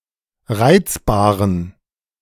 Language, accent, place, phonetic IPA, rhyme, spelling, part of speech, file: German, Germany, Berlin, [ˈʁaɪ̯t͡sbaːʁən], -aɪ̯t͡sbaːʁən, reizbaren, adjective, De-reizbaren.ogg
- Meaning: inflection of reizbar: 1. strong genitive masculine/neuter singular 2. weak/mixed genitive/dative all-gender singular 3. strong/weak/mixed accusative masculine singular 4. strong dative plural